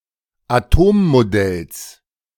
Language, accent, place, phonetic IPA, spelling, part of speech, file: German, Germany, Berlin, [aˈtoːmmoˌdɛls], Atommodells, noun, De-Atommodells.ogg
- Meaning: genitive singular of Atommodell